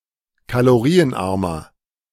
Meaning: inflection of kalorienarm: 1. strong/mixed nominative masculine singular 2. strong genitive/dative feminine singular 3. strong genitive plural
- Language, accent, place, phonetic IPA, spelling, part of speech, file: German, Germany, Berlin, [kaloˈʁiːənˌʔaʁmɐ], kalorienarmer, adjective, De-kalorienarmer.ogg